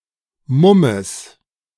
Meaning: genitive of Mumm
- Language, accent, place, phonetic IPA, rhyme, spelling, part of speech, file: German, Germany, Berlin, [ˈmʊməs], -ʊməs, Mummes, noun, De-Mummes.ogg